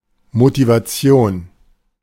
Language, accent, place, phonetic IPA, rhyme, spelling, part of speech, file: German, Germany, Berlin, [motivaˈt͡si̯oːn], -oːn, Motivation, noun, De-Motivation.ogg
- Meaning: motivation (willingness of action especially in behavior)